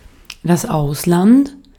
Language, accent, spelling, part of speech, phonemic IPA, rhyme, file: German, Austria, Ausland, noun, /ˈaʊ̯slant/, -ant, De-at-Ausland.ogg
- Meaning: foreign countries (collectively), abroad